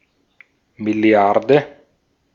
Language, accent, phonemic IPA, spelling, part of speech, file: German, Austria, /mɪˈli̯aʁdə/, Milliarde, noun, De-at-Milliarde.ogg
- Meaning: billion (10⁹)